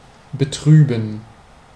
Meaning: 1. to sadden (to make sad or unhappy) 2. to sadden (to become sad or unhappy)
- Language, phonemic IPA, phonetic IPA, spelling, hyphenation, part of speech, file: German, /bəˈtʁyːbən/, [bəˈtʁyːbm̩], betrüben, be‧trü‧ben, verb, De-betrüben.ogg